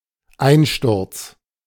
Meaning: collapse
- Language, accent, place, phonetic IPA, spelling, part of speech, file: German, Germany, Berlin, [ˈaɪ̯nˌʃtʊʁt͡s], Einsturz, noun, De-Einsturz.ogg